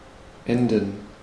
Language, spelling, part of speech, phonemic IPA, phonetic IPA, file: German, enden, verb, /ˈɛndən/, [ˈʔɛndn̩], De-enden.ogg
- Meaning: to end